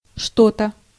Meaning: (pronoun) something (implies that one has a certain thing in mind, but does not know exactly what); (adverb) 1. somewhat, slightly, to some extent 2. for some reason 3. approximately, roughly
- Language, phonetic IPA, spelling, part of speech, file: Russian, [ˈʂto‿tə], что-то, pronoun / adverb, Ru-что-то.ogg